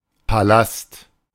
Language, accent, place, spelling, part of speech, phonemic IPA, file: German, Germany, Berlin, Palast, noun, /paˈlast/, De-Palast.ogg
- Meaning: palace